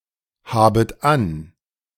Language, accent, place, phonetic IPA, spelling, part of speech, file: German, Germany, Berlin, [ˌhaːbət ˈan], habet an, verb, De-habet an.ogg
- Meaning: second-person plural subjunctive I of anhaben